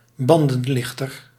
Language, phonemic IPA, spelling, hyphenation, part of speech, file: Dutch, /ˈbɑn.də(n)ˌlɪx.tər/, bandenlichter, ban‧den‧lich‧ter, noun, Nl-bandenlichter.ogg
- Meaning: tyre lever, tire iron (for bike wheels)